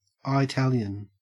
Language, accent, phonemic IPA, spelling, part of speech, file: English, Australia, /aɪˈtæljən/, Eye-talian, adjective / noun, En-au-Eye-talian.ogg
- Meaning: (adjective) Italian, usually in reference to an Italian American person or Italian American culture; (noun) An Italian, usually an Italian American